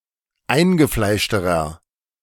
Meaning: inflection of eingefleischt: 1. strong/mixed nominative masculine singular comparative degree 2. strong genitive/dative feminine singular comparative degree
- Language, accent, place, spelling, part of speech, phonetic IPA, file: German, Germany, Berlin, eingefleischterer, adjective, [ˈaɪ̯nɡəˌflaɪ̯ʃtəʁɐ], De-eingefleischterer.ogg